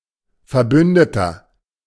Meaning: ally
- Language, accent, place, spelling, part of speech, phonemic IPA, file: German, Germany, Berlin, Verbündeter, noun, /fɛɐ̯ˈbʏndətɐ/, De-Verbündeter.ogg